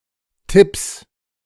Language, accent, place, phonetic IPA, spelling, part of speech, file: German, Germany, Berlin, [tɪps], Tipps, noun, De-Tipps.ogg
- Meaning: 1. genitive singular of Tipp 2. plural of Tipp